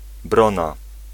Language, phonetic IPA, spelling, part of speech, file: Polish, [ˈbrɔ̃na], brona, noun, Pl-brona.ogg